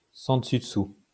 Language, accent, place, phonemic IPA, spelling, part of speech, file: French, France, Lyon, /sɑ̃ də.sy də.su/, sens dessus dessous, adjective, LL-Q150 (fra)-sens dessus dessous.wav
- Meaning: upside-down